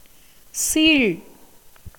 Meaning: pus
- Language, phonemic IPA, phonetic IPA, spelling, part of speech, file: Tamil, /tʃiːɻ/, [siːɻ], சீழ், noun, Ta-சீழ்.ogg